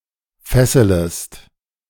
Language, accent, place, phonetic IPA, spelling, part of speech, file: German, Germany, Berlin, [ˈfɛsələst], fesselest, verb, De-fesselest.ogg
- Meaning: second-person singular subjunctive I of fesseln